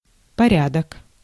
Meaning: 1. order 2. order, sequence 3. order, procedure, manner, way, form 4. order, regime, system 5. customs, usages, observances 6. order, array
- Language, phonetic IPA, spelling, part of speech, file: Russian, [pɐˈrʲadək], порядок, noun, Ru-порядок.ogg